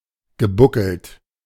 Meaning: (adjective) humpbacked, hunchbacked; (verb) past participle of buckeln
- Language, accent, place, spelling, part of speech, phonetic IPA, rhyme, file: German, Germany, Berlin, gebuckelt, adjective / verb, [ɡəˈbʊkl̩t], -ʊkl̩t, De-gebuckelt.ogg